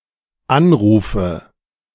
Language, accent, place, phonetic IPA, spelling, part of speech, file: German, Germany, Berlin, [ˈanˌʁuːfə], anrufe, verb, De-anrufe.ogg
- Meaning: inflection of anrufen: 1. first-person singular dependent present 2. first/third-person singular dependent subjunctive I